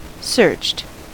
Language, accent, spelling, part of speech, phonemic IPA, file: English, US, searched, verb, /sɝt͡ʃt/, En-us-searched.ogg
- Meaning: simple past and past participle of search